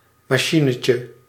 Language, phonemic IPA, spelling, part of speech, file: Dutch, /mɑˈʃinəcə/, machinetje, noun, Nl-machinetje.ogg
- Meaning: diminutive of machine